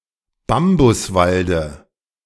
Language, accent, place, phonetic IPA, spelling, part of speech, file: German, Germany, Berlin, [ˈbambʊsˌvaldə], Bambuswalde, noun, De-Bambuswalde.ogg
- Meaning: dative singular of Bambuswald